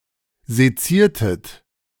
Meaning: inflection of sezieren: 1. second-person plural preterite 2. second-person plural subjunctive II
- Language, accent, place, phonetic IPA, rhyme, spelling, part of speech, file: German, Germany, Berlin, [zeˈt͡siːɐ̯tət], -iːɐ̯tət, seziertet, verb, De-seziertet.ogg